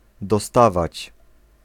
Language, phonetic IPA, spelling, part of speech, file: Polish, [dɔˈstavat͡ɕ], dostawać, verb, Pl-dostawać.ogg